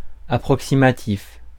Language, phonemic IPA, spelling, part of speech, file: French, /a.pʁɔk.si.ma.tif/, approximatif, adjective, Fr-approximatif.ogg
- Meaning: 1. approximate (not perfectly accurate) 2. rough, vague, approximate; broken